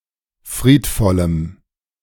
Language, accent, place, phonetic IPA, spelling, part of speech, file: German, Germany, Berlin, [ˈfʁiːtˌfɔləm], friedvollem, adjective, De-friedvollem.ogg
- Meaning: strong dative masculine/neuter singular of friedvoll